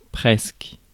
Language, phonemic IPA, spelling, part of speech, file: French, /pʁɛsk/, presque, adverb, Fr-presque.ogg
- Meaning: almost